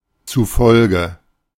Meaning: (preposition) according to
- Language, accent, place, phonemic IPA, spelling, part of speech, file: German, Germany, Berlin, /tsuˈfɔlɡə/, zufolge, preposition / postposition, De-zufolge.ogg